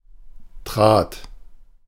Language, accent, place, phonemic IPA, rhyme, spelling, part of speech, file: German, Germany, Berlin, /tʁaːt/, -aːt, trat, verb, De-trat.ogg
- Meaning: first/third-person singular preterite of treten